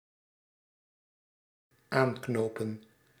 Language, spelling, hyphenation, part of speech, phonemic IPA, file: Dutch, aanknopen, aan‧kno‧pen, verb, /ˈaːŋknoːpə(n)/, Nl-aanknopen.ogg
- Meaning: 1. to tie on to 2. to enter into, to begin